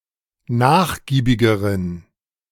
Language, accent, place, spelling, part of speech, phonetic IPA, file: German, Germany, Berlin, nachgiebigeren, adjective, [ˈnaːxˌɡiːbɪɡəʁən], De-nachgiebigeren.ogg
- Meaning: inflection of nachgiebig: 1. strong genitive masculine/neuter singular comparative degree 2. weak/mixed genitive/dative all-gender singular comparative degree